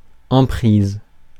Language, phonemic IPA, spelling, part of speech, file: French, /ɑ̃.pʁiz/, emprise, noun, Fr-emprise.ogg
- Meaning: 1. expropriation 2. domination, control, influence